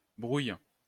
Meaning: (noun) quarrel, tiff; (verb) inflection of brouiller: 1. first/third-person singular present indicative/subjunctive 2. second-person singular imperative
- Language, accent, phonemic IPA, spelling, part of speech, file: French, France, /bʁuj/, brouille, noun / verb, LL-Q150 (fra)-brouille.wav